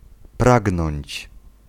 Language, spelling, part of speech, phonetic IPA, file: Polish, pragnąć, verb, [ˈpraɡnɔ̃ɲt͡ɕ], Pl-pragnąć.ogg